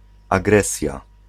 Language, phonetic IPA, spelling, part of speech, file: Polish, [aˈɡrɛsʲja], agresja, noun, Pl-agresja.ogg